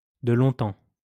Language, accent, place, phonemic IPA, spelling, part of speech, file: French, France, Lyon, /də lɔ̃.tɑ̃/, de longtemps, adverb, LL-Q150 (fra)-de longtemps.wav
- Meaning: before long